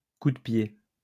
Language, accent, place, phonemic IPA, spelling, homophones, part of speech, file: French, France, Lyon, /ku.də.pje/, cou-de-pied, coup de pied, noun, LL-Q150 (fra)-cou-de-pied.wav
- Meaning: instep